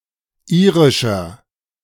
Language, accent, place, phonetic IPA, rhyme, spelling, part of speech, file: German, Germany, Berlin, [ˈiːʁɪʃɐ], -iːʁɪʃɐ, irischer, adjective, De-irischer.ogg
- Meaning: inflection of irisch: 1. strong/mixed nominative masculine singular 2. strong genitive/dative feminine singular 3. strong genitive plural